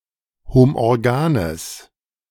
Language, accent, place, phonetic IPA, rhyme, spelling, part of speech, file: German, Germany, Berlin, [homʔɔʁˈɡaːnəs], -aːnəs, homorganes, adjective, De-homorganes.ogg
- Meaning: strong/mixed nominative/accusative neuter singular of homorgan